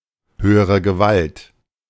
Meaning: Used other than figuratively or idiomatically: see hoch, Gewalt
- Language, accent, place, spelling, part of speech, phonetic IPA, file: German, Germany, Berlin, höhere Gewalt, phrase, [ˈhøːəʁə ɡəˈvalt], De-höhere Gewalt.ogg